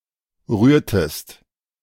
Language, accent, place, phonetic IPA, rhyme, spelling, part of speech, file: German, Germany, Berlin, [ˈʁyːɐ̯təst], -yːɐ̯təst, rührtest, verb, De-rührtest.ogg
- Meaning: inflection of rühren: 1. second-person singular preterite 2. second-person singular subjunctive II